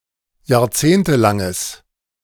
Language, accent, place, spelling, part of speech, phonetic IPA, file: German, Germany, Berlin, jahrzehntelanges, adjective, [jaːɐ̯ˈt͡seːntəˌlaŋəs], De-jahrzehntelanges.ogg
- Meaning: strong/mixed nominative/accusative neuter singular of jahrzehntelang